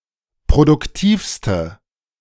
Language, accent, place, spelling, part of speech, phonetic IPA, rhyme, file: German, Germany, Berlin, produktivste, adjective, [pʁodʊkˈtiːfstə], -iːfstə, De-produktivste.ogg
- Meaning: inflection of produktiv: 1. strong/mixed nominative/accusative feminine singular superlative degree 2. strong nominative/accusative plural superlative degree